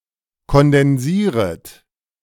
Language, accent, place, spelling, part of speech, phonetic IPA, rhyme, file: German, Germany, Berlin, kondensieret, verb, [kɔndɛnˈziːʁət], -iːʁət, De-kondensieret.ogg
- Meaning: second-person plural subjunctive I of kondensieren